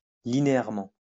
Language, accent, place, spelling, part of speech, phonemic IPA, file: French, France, Lyon, linéairement, adverb, /li.ne.ɛʁ.mɑ̃/, LL-Q150 (fra)-linéairement.wav
- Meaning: linearly